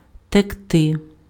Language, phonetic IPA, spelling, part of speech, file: Ukrainian, [tekˈtɪ], текти, verb, Uk-текти.ogg
- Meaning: 1. to flow, to run, to stream, to move 2. to leak